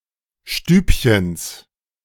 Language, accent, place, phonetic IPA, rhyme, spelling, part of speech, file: German, Germany, Berlin, [ˈʃtyːpçəns], -yːpçəns, Stübchens, noun, De-Stübchens.ogg
- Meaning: genitive singular of Stübchen